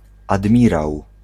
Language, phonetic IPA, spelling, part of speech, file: Polish, [adˈmʲiraw], admirał, noun, Pl-admirał.ogg